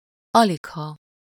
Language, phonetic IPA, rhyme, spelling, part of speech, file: Hungarian, [ˈɒlikhɒ], -hɒ, aligha, adverb, Hu-aligha.ogg
- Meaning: hardly, scarcely, probably not